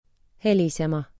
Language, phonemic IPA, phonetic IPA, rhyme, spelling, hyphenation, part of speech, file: Estonian, /ˈhelisemɑ/, [ˈ(h)elʲisemɑ], -elisemɑ, helisema, he‧li‧se‧ma, verb, Et-helisema.ogg
- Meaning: 1. to ring, sound 2. to ring, sound: To produce a resonant sound